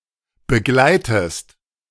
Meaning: inflection of begleiten: 1. second-person singular present 2. second-person singular subjunctive I
- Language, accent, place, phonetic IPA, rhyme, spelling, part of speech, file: German, Germany, Berlin, [bəˈɡlaɪ̯təst], -aɪ̯təst, begleitest, verb, De-begleitest.ogg